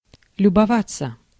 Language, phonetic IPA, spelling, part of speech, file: Russian, [lʲʊbɐˈvat͡sːə], любоваться, verb, Ru-любоваться.ogg
- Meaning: to admire, to feast one's eyes (upon)